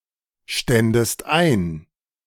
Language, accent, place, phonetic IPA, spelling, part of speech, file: German, Germany, Berlin, [ˌʃtɛndəst ˈaɪ̯n], ständest ein, verb, De-ständest ein.ogg
- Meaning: second-person singular subjunctive II of einstehen